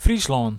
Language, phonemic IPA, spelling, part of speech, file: Western Frisian, /ˈfrislɔːn/, Fryslân, proper noun, Fy-Fryslân.ogg
- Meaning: Friesland (a province of the Netherlands)